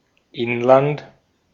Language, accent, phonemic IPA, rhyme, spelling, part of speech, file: German, Austria, /ˈɪnˌlant/, -ant, Inland, noun, De-at-Inland.ogg
- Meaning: 1. homeland, domestic territory (as opposed to a foreign country) 2. inland (areas more or less remote from a border, especially from the coast)